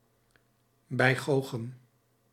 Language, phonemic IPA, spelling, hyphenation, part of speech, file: Dutch, /ˈbɛi̯ˌxoː.xəm/, bijgoochem, bij‧goo‧chem, noun, Nl-bijgoochem.ogg
- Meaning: know-all, know-it-all, smart aleck